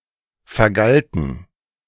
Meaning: first/third-person plural preterite of vergelten
- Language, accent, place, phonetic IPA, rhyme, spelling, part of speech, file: German, Germany, Berlin, [fɛɐ̯ˈɡaltn̩], -altn̩, vergalten, verb, De-vergalten.ogg